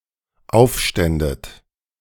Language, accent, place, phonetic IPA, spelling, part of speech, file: German, Germany, Berlin, [ˈaʊ̯fˌʃtɛndət], aufständet, verb, De-aufständet.ogg
- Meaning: second-person plural dependent subjunctive II of aufstehen